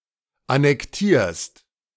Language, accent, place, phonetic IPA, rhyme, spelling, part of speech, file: German, Germany, Berlin, [anɛkˈtiːɐ̯st], -iːɐ̯st, annektierst, verb, De-annektierst.ogg
- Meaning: second-person singular present of annektieren